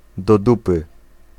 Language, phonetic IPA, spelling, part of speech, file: Polish, [dɔ‿ˈdupɨ], do dupy, adjectival phrase / adverbial phrase, Pl-do dupy.ogg